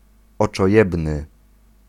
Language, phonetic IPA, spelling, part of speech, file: Polish, [ˌɔt͡ʃɔˈjɛbnɨ], oczojebny, adjective, Pl-oczojebny.ogg